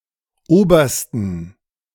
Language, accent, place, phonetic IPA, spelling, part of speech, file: German, Germany, Berlin, [ˈoːbɐstn̩], obersten, adjective, De-obersten.ogg
- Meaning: superlative degree of oberer